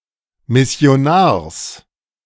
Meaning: genitive singular of Missionar
- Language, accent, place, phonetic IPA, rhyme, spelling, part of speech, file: German, Germany, Berlin, [ˌmɪsi̯oˈnaːɐ̯s], -aːɐ̯s, Missionars, noun, De-Missionars.ogg